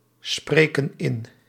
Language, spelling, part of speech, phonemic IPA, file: Dutch, spreken in, verb, /ˈsprekə(n) ˈɪn/, Nl-spreken in.ogg
- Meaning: inflection of inspreken: 1. plural present indicative 2. plural present subjunctive